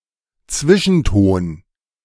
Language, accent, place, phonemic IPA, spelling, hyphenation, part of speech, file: German, Germany, Berlin, /ˈt͡svɪʃn̩ˌtoːn/, Zwischenton, Zwi‧schen‧ton, noun, De-Zwischenton.ogg
- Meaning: 1. shade (of a color) 2. nuance